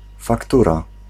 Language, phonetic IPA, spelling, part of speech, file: Polish, [fakˈtura], faktura, noun, Pl-faktura.ogg